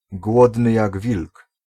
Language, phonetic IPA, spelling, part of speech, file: Polish, [ˈɡwɔdnɨ ˈjaɡ ˈvʲilk], głodny jak wilk, adjectival phrase, Pl-głodny jak wilk.ogg